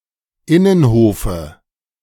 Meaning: dative singular of Innenhof
- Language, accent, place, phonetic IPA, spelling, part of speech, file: German, Germany, Berlin, [ˈɪnənˌhoːfə], Innenhofe, noun, De-Innenhofe.ogg